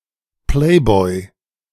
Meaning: playboy (a single man who devotes himself to a life of leisure and pleasure)
- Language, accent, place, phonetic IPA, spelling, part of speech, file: German, Germany, Berlin, [ˈpleːˌbɔɪ̯], Playboy, noun, De-Playboy.ogg